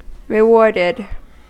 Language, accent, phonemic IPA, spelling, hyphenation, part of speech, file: English, US, /ɹɪˈwɔɹdɪd/, rewarded, re‧ward‧ed, verb, En-us-rewarded.ogg
- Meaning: simple past and past participle of reward